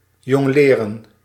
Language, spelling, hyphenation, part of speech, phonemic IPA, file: Dutch, jongleren, jong‧le‧ren, verb, /ˌjɔŋˈleː.rə(n)/, Nl-jongleren.ogg
- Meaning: to juggle